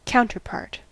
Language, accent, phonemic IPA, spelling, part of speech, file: English, US, /ˈkaʊntɚˌpɑɹt/, counterpart, noun / verb, En-us-counterpart.ogg
- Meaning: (noun) 1. Either of two parts that fit together or otherwise complement one another 2. A duplicate of a legal document 3. One who or that which resembles another